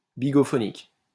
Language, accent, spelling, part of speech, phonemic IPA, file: French, France, bigophonique, adjective, /bi.ɡɔ.fɔ.nik/, LL-Q150 (fra)-bigophonique.wav
- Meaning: relating to the bigophone